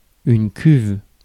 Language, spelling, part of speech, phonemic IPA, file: French, cuve, noun, /kyv/, Fr-cuve.ogg
- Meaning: tank; vat